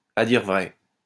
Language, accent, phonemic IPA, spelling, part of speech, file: French, France, /a diʁ vʁɛ/, à dire vrai, adverb, LL-Q150 (fra)-à dire vrai.wav
- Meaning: alternative form of à vrai dire